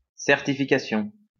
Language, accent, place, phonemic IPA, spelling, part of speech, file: French, France, Lyon, /sɛʁ.ti.fi.ka.sjɔ̃/, certification, noun, LL-Q150 (fra)-certification.wav
- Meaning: certification (all meanings)